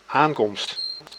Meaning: arrival
- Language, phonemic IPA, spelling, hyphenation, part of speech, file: Dutch, /ˈaːŋkɔmst/, aankomst, aan‧komst, noun, Nl-aankomst.ogg